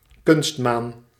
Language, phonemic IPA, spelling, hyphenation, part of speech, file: Dutch, /ˈkʏnst.maːn/, kunstmaan, kunst‧maan, noun, Nl-kunstmaan.ogg
- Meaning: artificial satellite